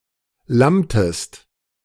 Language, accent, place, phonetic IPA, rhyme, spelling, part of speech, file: German, Germany, Berlin, [ˈlamtəst], -amtəst, lammtest, verb, De-lammtest.ogg
- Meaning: inflection of lammen: 1. second-person singular preterite 2. second-person singular subjunctive II